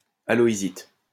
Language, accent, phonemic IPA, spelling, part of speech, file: French, France, /a.lɔ.i.zit/, halloysite, noun, LL-Q150 (fra)-halloysite.wav
- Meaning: halloysite